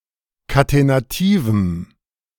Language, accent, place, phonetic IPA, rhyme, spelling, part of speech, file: German, Germany, Berlin, [katenaˈtiːvm̩], -iːvm̩, katenativem, adjective, De-katenativem.ogg
- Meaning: strong dative masculine/neuter singular of katenativ